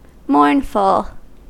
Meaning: 1. Filled with grief or sadness; being in a state in which one mourns 2. Fit to inspire mourning; tragic
- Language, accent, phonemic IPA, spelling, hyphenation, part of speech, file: English, US, /ˈmɔɹnfəl/, mournful, mourn‧ful, adjective, En-us-mournful.ogg